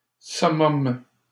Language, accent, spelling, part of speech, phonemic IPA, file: French, Canada, summum, noun, /sɔ.mɔm/, LL-Q150 (fra)-summum.wav
- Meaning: summit, apogee, acme